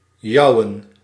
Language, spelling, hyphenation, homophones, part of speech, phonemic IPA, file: Dutch, jouwen, jou‧wen, jouen, verb / pronoun / determiner, /ˈjɑu̯ə(n)/, Nl-jouwen.ogg
- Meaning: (verb) to jeer; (pronoun) personal plural of jouwe; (determiner) 1. accusative/dative masculine of jouw 2. dative neuter/plural of jouw; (verb) alternative spelling of jouen